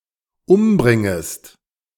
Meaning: second-person singular dependent subjunctive I of umbringen
- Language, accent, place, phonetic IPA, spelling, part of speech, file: German, Germany, Berlin, [ˈʊmˌbʁɪŋəst], umbringest, verb, De-umbringest.ogg